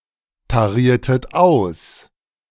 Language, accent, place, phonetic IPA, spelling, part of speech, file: German, Germany, Berlin, [taˌʁiːɐ̯tət ˈaʊ̯s], tariertet aus, verb, De-tariertet aus.ogg
- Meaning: inflection of austarieren: 1. second-person plural preterite 2. second-person plural subjunctive II